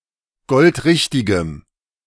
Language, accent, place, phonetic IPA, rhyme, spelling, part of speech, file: German, Germany, Berlin, [ˈɡɔltˈʁɪçtɪɡəm], -ɪçtɪɡəm, goldrichtigem, adjective, De-goldrichtigem.ogg
- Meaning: strong dative masculine/neuter singular of goldrichtig